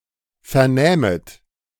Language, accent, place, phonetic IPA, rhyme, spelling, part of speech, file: German, Germany, Berlin, [ˌfɛɐ̯ˈnɛːmət], -ɛːmət, vernähmet, verb, De-vernähmet.ogg
- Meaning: second-person plural subjunctive II of vernehmen